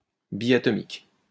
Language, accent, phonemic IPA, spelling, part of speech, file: French, France, /bi.a.tɔ.mik/, biatomique, adjective, LL-Q150 (fra)-biatomique.wav
- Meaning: diatomic